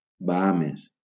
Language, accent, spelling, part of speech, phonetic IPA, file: Catalan, Valencia, Bahames, proper noun, [baˈa.mes], LL-Q7026 (cat)-Bahames.wav
- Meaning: Bahamas (an archipelago and country in the Caribbean)